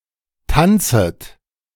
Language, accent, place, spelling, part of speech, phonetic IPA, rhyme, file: German, Germany, Berlin, tanzet, verb, [ˈtant͡sət], -ant͡sət, De-tanzet.ogg
- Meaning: second-person plural subjunctive I of tanzen